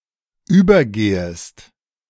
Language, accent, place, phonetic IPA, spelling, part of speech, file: German, Germany, Berlin, [ˈyːbɐˌɡeːəst], übergehest, verb, De-übergehest.ogg
- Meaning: second-person singular subjunctive I of übergehen